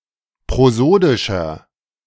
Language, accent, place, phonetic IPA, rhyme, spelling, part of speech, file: German, Germany, Berlin, [pʁoˈzoːdɪʃɐ], -oːdɪʃɐ, prosodischer, adjective, De-prosodischer.ogg
- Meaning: inflection of prosodisch: 1. strong/mixed nominative masculine singular 2. strong genitive/dative feminine singular 3. strong genitive plural